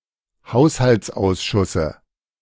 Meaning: dative singular of Haushaltsausschuss
- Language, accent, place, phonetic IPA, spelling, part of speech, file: German, Germany, Berlin, [ˈhaʊ̯shalt͡sˌʔaʊ̯sʃʊsə], Haushaltsausschusse, noun, De-Haushaltsausschusse.ogg